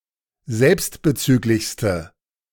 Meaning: inflection of selbstbezüglich: 1. strong/mixed nominative/accusative feminine singular superlative degree 2. strong nominative/accusative plural superlative degree
- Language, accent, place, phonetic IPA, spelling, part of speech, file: German, Germany, Berlin, [ˈzɛlpstbəˌt͡syːklɪçstə], selbstbezüglichste, adjective, De-selbstbezüglichste.ogg